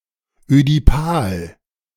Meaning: Oedipal
- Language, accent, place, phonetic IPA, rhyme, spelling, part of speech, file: German, Germany, Berlin, [ødiˈpaːl], -aːl, ödipal, adjective, De-ödipal.ogg